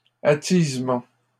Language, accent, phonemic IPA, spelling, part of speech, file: French, Canada, /a.tiz.mɑ̃/, attisement, noun, LL-Q150 (fra)-attisement.wav
- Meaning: rekindling